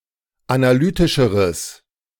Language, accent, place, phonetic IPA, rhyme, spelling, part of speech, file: German, Germany, Berlin, [anaˈlyːtɪʃəʁəs], -yːtɪʃəʁəs, analytischeres, adjective, De-analytischeres.ogg
- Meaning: strong/mixed nominative/accusative neuter singular comparative degree of analytisch